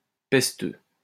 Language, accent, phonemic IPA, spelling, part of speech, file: French, France, /pɛs.tø/, pesteux, adjective, LL-Q150 (fra)-pesteux.wav
- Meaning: plague